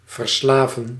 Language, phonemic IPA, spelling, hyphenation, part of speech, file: Dutch, /vərˈslaː.və(n)/, verslaven, ver‧sla‧ven, verb, Nl-verslaven.ogg
- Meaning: 1. to addict; to make an addict of 2. to make a slave of; to enslave